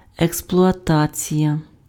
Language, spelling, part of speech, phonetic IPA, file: Ukrainian, експлуатація, noun, [ekspɫʊɐˈtat͡sʲijɐ], Uk-експлуатація.ogg
- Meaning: exploitation